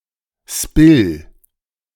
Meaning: capstan
- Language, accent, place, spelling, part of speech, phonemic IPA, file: German, Germany, Berlin, Spill, noun, /ʃpɪl/, De-Spill2.ogg